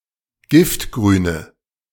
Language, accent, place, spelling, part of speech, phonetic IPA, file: German, Germany, Berlin, giftgrüne, adjective, [ˈɡɪftɡʁyːnə], De-giftgrüne.ogg
- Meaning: inflection of giftgrün: 1. strong/mixed nominative/accusative feminine singular 2. strong nominative/accusative plural 3. weak nominative all-gender singular